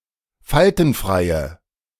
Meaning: inflection of faltenfrei: 1. strong/mixed nominative/accusative feminine singular 2. strong nominative/accusative plural 3. weak nominative all-gender singular
- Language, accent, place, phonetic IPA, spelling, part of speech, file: German, Germany, Berlin, [ˈfaltn̩ˌfʁaɪ̯ə], faltenfreie, adjective, De-faltenfreie.ogg